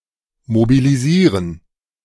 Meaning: to mobilize
- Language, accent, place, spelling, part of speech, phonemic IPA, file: German, Germany, Berlin, mobilisieren, verb, /mobiliˈziːʁən/, De-mobilisieren.ogg